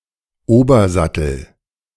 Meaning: nut of a string instrument (support for strings at the head end)
- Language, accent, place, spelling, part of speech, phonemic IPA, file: German, Germany, Berlin, Obersattel, noun, /ˈoːbɐˌzatl̩/, De-Obersattel.ogg